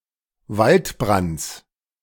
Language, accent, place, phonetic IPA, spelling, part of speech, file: German, Germany, Berlin, [ˈvaltˌbʁant͡s], Waldbrands, noun, De-Waldbrands.ogg
- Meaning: genitive singular of Waldbrand